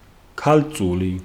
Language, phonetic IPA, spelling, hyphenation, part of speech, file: Georgian, [kʰält͡sʼuli], ქალწული, ქალ‧წუ‧ლი, noun / proper noun, Ka-ქალწული.ogg
- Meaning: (noun) 1. damsel, maid, maiden, vestal, virgin 2. Virgo